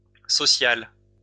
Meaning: feminine plural of social
- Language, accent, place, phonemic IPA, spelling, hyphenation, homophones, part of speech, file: French, France, Lyon, /sɔ.sjal/, sociales, so‧ciales, social / sociale, adjective, LL-Q150 (fra)-sociales.wav